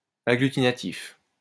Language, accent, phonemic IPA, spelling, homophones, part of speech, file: French, France, /a.ɡly.ti.na.tif/, agglutinatif, agglutinatifs, adjective, LL-Q150 (fra)-agglutinatif.wav
- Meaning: agglutinative